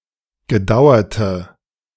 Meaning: inflection of gedauert: 1. strong/mixed nominative/accusative feminine singular 2. strong nominative/accusative plural 3. weak nominative all-gender singular
- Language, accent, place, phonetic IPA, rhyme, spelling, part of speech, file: German, Germany, Berlin, [ɡəˈdaʊ̯ɐtə], -aʊ̯ɐtə, gedauerte, adjective, De-gedauerte.ogg